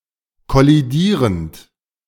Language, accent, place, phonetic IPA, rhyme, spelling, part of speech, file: German, Germany, Berlin, [kɔliˈdiːʁənt], -iːʁənt, kollidierend, verb, De-kollidierend.ogg
- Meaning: present participle of kollidieren